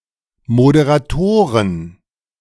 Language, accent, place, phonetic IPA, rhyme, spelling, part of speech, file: German, Germany, Berlin, [modeʁaˈtoːʁən], -oːʁən, Moderatoren, noun, De-Moderatoren.ogg
- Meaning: 1. genitive singular of Moderator 2. plural of Moderator